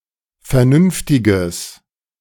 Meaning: strong/mixed nominative/accusative neuter singular of vernünftig
- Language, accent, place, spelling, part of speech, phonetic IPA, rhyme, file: German, Germany, Berlin, vernünftiges, adjective, [fɛɐ̯ˈnʏnftɪɡəs], -ʏnftɪɡəs, De-vernünftiges.ogg